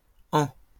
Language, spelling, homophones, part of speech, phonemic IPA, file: French, ans, an / en, noun, /ɑ̃/, LL-Q150 (fra)-ans.wav
- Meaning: plural of an